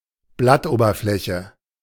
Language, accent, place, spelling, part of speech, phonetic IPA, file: German, Germany, Berlin, Blattoberfläche, noun, [ˈblatʔoːbɐˌflɛçə], De-Blattoberfläche.ogg
- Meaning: leaf surface